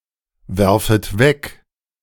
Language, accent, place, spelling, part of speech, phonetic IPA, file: German, Germany, Berlin, werfet weg, verb, [ˌvɛʁfət ˈvɛk], De-werfet weg.ogg
- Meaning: second-person plural subjunctive I of wegwerfen